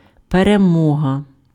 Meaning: victory
- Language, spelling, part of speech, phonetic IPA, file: Ukrainian, перемога, noun, [pereˈmɔɦɐ], Uk-перемога.ogg